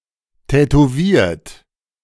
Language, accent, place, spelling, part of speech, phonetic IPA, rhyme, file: German, Germany, Berlin, tätowiert, adjective / verb, [tɛtoˈviːɐ̯t], -iːɐ̯t, De-tätowiert.ogg
- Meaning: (verb) past participle of tätowieren; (adjective) tattooed; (verb) inflection of tätowieren: 1. third-person singular present 2. second-person plural present 3. plural imperative